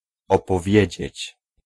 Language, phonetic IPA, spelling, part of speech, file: Polish, [ˌɔpɔˈvʲjɛ̇d͡ʑɛ̇t͡ɕ], opowiedzieć, verb, Pl-opowiedzieć.ogg